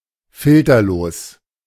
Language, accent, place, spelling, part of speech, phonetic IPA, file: German, Germany, Berlin, filterlos, adjective, [ˈfɪltɐloːs], De-filterlos.ogg
- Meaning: filterless